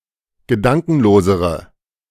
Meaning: inflection of gedankenlos: 1. strong/mixed nominative/accusative feminine singular comparative degree 2. strong nominative/accusative plural comparative degree
- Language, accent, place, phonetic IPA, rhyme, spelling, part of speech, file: German, Germany, Berlin, [ɡəˈdaŋkn̩loːzəʁə], -aŋkn̩loːzəʁə, gedankenlosere, adjective, De-gedankenlosere.ogg